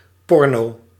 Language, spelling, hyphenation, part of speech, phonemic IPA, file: Dutch, porno, por‧no, noun / adjective, /ˈpɔr.noː/, Nl-porno.ogg
- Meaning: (noun) porn; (adjective) hot, attractive, sexy